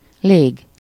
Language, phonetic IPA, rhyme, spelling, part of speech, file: Hungarian, [ˈleːɡ], -eːɡ, lég, noun, Hu-lég.ogg
- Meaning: 1. air, atmosphere 2. air-, aerial (in compound words)